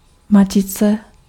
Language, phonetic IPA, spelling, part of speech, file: Czech, [ˈmacɪt͡sɛ], matice, noun, Cs-matice.ogg
- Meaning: 1. matrix 2. nut (of a bolt)